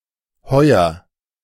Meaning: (adverb) 1. this year 2. synonym of heutzutage (“nowadays”); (verb) inflection of heuern: 1. first-person singular present 2. singular imperative
- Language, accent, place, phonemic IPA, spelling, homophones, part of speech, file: German, Germany, Berlin, /ˈhɔʏ̯ɐ/, heuer, Heuer, adverb / verb, De-heuer.ogg